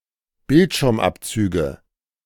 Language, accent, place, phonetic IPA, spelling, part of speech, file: German, Germany, Berlin, [ˈbɪltʃɪʁmˌʔapt͡syːɡə], Bildschirmabzüge, noun, De-Bildschirmabzüge.ogg
- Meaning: nominative/accusative/genitive plural of Bildschirmabzug